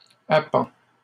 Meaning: third-person singular present indicative of appendre
- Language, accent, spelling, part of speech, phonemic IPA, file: French, Canada, append, verb, /a.pɑ̃/, LL-Q150 (fra)-append.wav